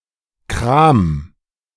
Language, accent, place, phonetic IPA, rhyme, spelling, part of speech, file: German, Germany, Berlin, [kʁaːm], -aːm, kram, verb, De-kram.ogg
- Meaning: 1. singular imperative of kramen 2. first-person singular present of kramen